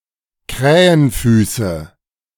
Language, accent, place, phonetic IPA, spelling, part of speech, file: German, Germany, Berlin, [ˈkʁɛːənˌfyːsə], Krähenfüße, noun, De-Krähenfüße.ogg
- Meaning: nominative/accusative/genitive plural of Krähenfuß: crow’s feet